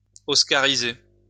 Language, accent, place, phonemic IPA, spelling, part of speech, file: French, France, Lyon, /ɔs.ka.ʁi.ze/, oscariser, verb, LL-Q150 (fra)-oscariser.wav
- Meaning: to award an Oscar to